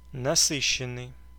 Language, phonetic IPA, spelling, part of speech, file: Russian, [nɐˈsɨɕːɪn(ː)ɨj], насыщенный, verb / adjective, Ru-насыщенный.ogg
- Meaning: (verb) past passive perfective participle of насы́тить (nasýtitʹ); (adjective) fat, rich, saturated